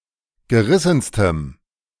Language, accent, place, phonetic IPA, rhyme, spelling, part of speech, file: German, Germany, Berlin, [ɡəˈʁɪsn̩stəm], -ɪsn̩stəm, gerissenstem, adjective, De-gerissenstem.ogg
- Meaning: strong dative masculine/neuter singular superlative degree of gerissen